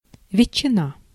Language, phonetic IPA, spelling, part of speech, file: Russian, [vʲɪt͡ɕːɪˈna], ветчина, noun, Ru-ветчина.ogg
- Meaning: ham